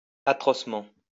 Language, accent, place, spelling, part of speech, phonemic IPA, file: French, France, Lyon, atrocement, adverb, /a.tʁɔs.mɑ̃/, LL-Q150 (fra)-atrocement.wav
- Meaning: 1. atrociously 2. terribly, dreadfully 3. inhumanly, savagely, cruelly